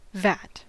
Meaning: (noun) 1. A large tub, such as is used for making wine or for tanning 2. A square, hollow place on the back of a calcining furnace, where tin ore is laid to dry 3. A vessel for holding holy water
- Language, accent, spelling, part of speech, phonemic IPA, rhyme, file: English, US, vat, noun / verb / adjective, /væt/, -æt, En-us-vat.ogg